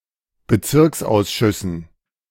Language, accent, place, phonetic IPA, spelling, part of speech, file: German, Germany, Berlin, [bəˈt͡sɪʁksʔaʊ̯sˌʃʏsn̩], Bezirksausschüssen, noun, De-Bezirksausschüssen.ogg
- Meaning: dative plural of Bezirksausschuss